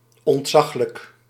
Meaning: enormous, immense, awe-inspiring
- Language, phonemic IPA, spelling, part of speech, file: Dutch, /ɔntˈsɑxlək/, ontzaglijk, adverb / adjective, Nl-ontzaglijk.ogg